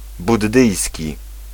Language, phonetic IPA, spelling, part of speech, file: Polish, [budˈːɨjsʲci], buddyjski, adjective, Pl-buddyjski.ogg